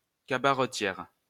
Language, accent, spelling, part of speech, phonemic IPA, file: French, France, cabaretière, noun, /ka.ba.ʁə.tjɛʁ/, LL-Q150 (fra)-cabaretière.wav
- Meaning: female equivalent of cabaretier